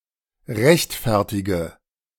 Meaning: inflection of rechtfertigen: 1. first-person singular present 2. singular imperative 3. first/third-person singular subjunctive I
- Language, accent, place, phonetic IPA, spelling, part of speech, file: German, Germany, Berlin, [ˈʁɛçtˌfɛʁtɪɡə], rechtfertige, verb, De-rechtfertige.ogg